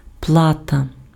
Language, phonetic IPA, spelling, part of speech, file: Ukrainian, [ˈpɫatɐ], плата, noun, Uk-плата.ogg
- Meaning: 1. pay, payment 2. fee 3. fare 4. charge 5. salary 6. board, card